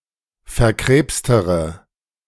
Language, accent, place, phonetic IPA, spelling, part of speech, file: German, Germany, Berlin, [fɛɐ̯ˈkʁeːpstəʁə], verkrebstere, adjective, De-verkrebstere.ogg
- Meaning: inflection of verkrebst: 1. strong/mixed nominative/accusative feminine singular comparative degree 2. strong nominative/accusative plural comparative degree